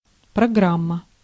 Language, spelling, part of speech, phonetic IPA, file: Russian, программа, noun, [prɐˈɡram(ː)ə], Ru-программа.ogg
- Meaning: 1. program/programme 2. syllabus, curriculum 3. program, agenda 4. program, broadcast, show 5. channel